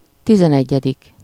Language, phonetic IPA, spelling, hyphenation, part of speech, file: Hungarian, [ˈtizɛnɛɟːɛdik], tizenegyedik, ti‧zen‧egye‧dik, numeral, Hu-tizenegyedik.ogg
- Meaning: eleventh